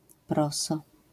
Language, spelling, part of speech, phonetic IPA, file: Polish, proso, noun, [ˈprɔsɔ], LL-Q809 (pol)-proso.wav